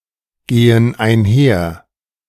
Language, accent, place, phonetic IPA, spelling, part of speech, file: German, Germany, Berlin, [ˌɡeːən aɪ̯nˈhɛɐ̯], gehen einher, verb, De-gehen einher.ogg
- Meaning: inflection of einhergehen: 1. first/third-person plural present 2. first/third-person plural subjunctive I